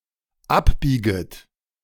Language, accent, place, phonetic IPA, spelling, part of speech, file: German, Germany, Berlin, [ˈapˌbiːɡət], abbieget, verb, De-abbieget.ogg
- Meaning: second-person plural dependent subjunctive I of abbiegen